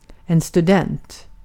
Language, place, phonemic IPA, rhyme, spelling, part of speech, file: Swedish, Gotland, /stɵˈdɛnt/, -ɛnt, student, noun, Sv-student.ogg
- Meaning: 1. a student (at a college or university – compare elev) 2. a student (at a college or university – compare elev): an undergraduate 3. a person with a gymnasium (upper secondary school) diploma